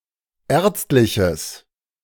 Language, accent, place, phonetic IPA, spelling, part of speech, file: German, Germany, Berlin, [ˈɛːɐ̯t͡stlɪçəs], ärztliches, adjective, De-ärztliches.ogg
- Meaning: strong/mixed nominative/accusative neuter singular of ärztlich